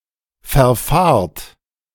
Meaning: inflection of verfahren: 1. second-person plural present 2. plural imperative
- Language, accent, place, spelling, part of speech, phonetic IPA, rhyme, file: German, Germany, Berlin, verfahrt, verb, [fɛɐ̯ˈfaːɐ̯t], -aːɐ̯t, De-verfahrt.ogg